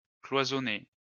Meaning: past participle of cloisonner
- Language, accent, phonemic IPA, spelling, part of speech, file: French, France, /klwa.zɔ.ne/, cloisonné, verb, LL-Q150 (fra)-cloisonné.wav